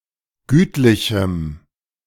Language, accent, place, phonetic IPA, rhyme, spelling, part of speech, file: German, Germany, Berlin, [ˈɡyːtlɪçm̩], -yːtlɪçm̩, gütlichem, adjective, De-gütlichem.ogg
- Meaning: strong dative masculine/neuter singular of gütlich